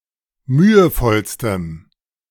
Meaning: strong dative masculine/neuter singular superlative degree of mühevoll
- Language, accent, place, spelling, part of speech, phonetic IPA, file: German, Germany, Berlin, mühevollstem, adjective, [ˈmyːəˌfɔlstəm], De-mühevollstem.ogg